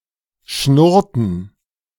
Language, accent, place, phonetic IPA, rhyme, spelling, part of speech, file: German, Germany, Berlin, [ˈʃnʊʁtn̩], -ʊʁtn̩, schnurrten, verb, De-schnurrten.ogg
- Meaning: inflection of schnurren: 1. first/third-person plural preterite 2. first/third-person plural subjunctive II